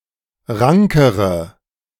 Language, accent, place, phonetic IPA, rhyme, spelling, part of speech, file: German, Germany, Berlin, [ˈʁaŋkəʁə], -aŋkəʁə, rankere, adjective, De-rankere.ogg
- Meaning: inflection of rank: 1. strong/mixed nominative/accusative feminine singular comparative degree 2. strong nominative/accusative plural comparative degree